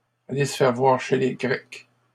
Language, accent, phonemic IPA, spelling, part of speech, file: French, Canada, /a.le s(ə) fɛʁ vwaʁ ʃe le ɡʁɛk/, aller se faire voir chez les Grecs, verb, LL-Q150 (fra)-aller se faire voir chez les Grecs.wav
- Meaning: to get lost, go to hell